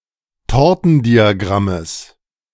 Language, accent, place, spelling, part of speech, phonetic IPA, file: German, Germany, Berlin, Tortendiagrammes, noun, [ˈtɔʁtn̩diaˌɡʁaməs], De-Tortendiagrammes.ogg
- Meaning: genitive singular of Tortendiagramm